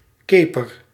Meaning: 1. a twill, crossed weaving pattern 2. a type of roof comprising sloped rafters on which horizontal slats are nailed which support the roof tiles 3. a chevron, comprising crossing bands
- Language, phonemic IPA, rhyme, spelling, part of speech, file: Dutch, /ˈkeːpər/, -eːpər, keper, noun, Nl-keper.ogg